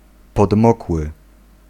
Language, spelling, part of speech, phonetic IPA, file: Polish, podmokły, adjective, [pɔdˈmɔkwɨ], Pl-podmokły.ogg